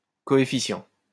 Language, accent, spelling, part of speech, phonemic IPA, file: French, France, coefficient, noun, /kɔ.e.fi.sjɑ̃/, LL-Q150 (fra)-coefficient.wav
- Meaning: coefficient